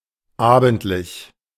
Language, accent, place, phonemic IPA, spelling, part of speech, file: German, Germany, Berlin, /ˈaːbn̩tlɪç/, abendlich, adjective, De-abendlich.ogg
- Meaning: evening